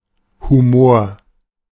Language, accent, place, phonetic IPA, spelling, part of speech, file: German, Germany, Berlin, [huˈmoːɐ̯], Humor, noun, De-Humor.ogg
- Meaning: humor (something funny)